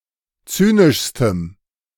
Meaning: strong dative masculine/neuter singular superlative degree of zynisch
- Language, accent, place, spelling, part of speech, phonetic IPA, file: German, Germany, Berlin, zynischstem, adjective, [ˈt͡syːnɪʃstəm], De-zynischstem.ogg